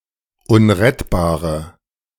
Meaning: inflection of unrettbar: 1. strong/mixed nominative/accusative feminine singular 2. strong nominative/accusative plural 3. weak nominative all-gender singular
- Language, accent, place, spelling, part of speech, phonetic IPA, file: German, Germany, Berlin, unrettbare, adjective, [ˈʊnʁɛtbaːʁə], De-unrettbare.ogg